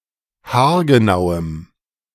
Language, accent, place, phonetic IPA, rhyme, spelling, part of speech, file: German, Germany, Berlin, [haːɐ̯ɡəˈnaʊ̯əm], -aʊ̯əm, haargenauem, adjective, De-haargenauem.ogg
- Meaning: strong dative masculine/neuter singular of haargenau